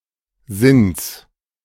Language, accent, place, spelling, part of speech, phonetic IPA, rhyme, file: German, Germany, Berlin, Sinns, noun, [zɪns], -ɪns, De-Sinns.ogg
- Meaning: genitive singular of Sinn